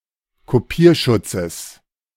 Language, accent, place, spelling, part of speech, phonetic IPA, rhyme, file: German, Germany, Berlin, Kopierschutzes, noun, [koˈpiːɐ̯ˌʃʊt͡səs], -iːɐ̯ʃʊt͡səs, De-Kopierschutzes.ogg
- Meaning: genitive singular of Kopierschutz